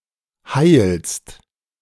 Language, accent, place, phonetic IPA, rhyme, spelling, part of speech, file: German, Germany, Berlin, [haɪ̯lst], -aɪ̯lst, heilst, verb, De-heilst.ogg
- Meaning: second-person singular present of heilen